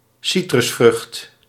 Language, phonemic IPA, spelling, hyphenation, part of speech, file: Dutch, /ˈsi.trʏsˌfrʏxt/, citrusvrucht, ci‧trus‧vrucht, noun, Nl-citrusvrucht.ogg
- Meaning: citrus fruit, fruit of a plant of the genus Citrus